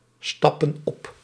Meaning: inflection of opstappen: 1. plural present indicative 2. plural present subjunctive
- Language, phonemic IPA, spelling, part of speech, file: Dutch, /ˈstɑpə(n) ˈɔp/, stappen op, verb, Nl-stappen op.ogg